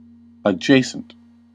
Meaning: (adjective) 1. Lying next to, close, or contiguous; neighboring; bordering on 2. Just before, after, or facing 3. Related to; suggestive of; bordering on
- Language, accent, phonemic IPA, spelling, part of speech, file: English, US, /əˈd͡ʒeɪ.sənt/, adjacent, adjective / noun / preposition, En-us-adjacent.ogg